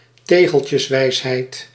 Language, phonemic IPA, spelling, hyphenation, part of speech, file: Dutch, /ˈteː.ɣəl.tjəsˌʋɛi̯s.ɦɛi̯t/, tegeltjeswijsheid, te‧gel‧tjes‧wijs‧heid, noun, Nl-tegeltjeswijsheid.ogg
- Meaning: 1. a proverb or saying that is often printed on tiles, often placed in bathrooms 2. a supposedly wise but platitudinous saying, a platitude